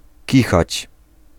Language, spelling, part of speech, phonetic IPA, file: Polish, kichać, verb, [ˈcixat͡ɕ], Pl-kichać.ogg